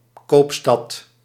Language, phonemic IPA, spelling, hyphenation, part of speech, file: Dutch, /ˈkoːp.stɑt/, koopstad, koop‧stad, noun, Nl-koopstad.ogg
- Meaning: trading city, trading town; town or city that plays an important role in trade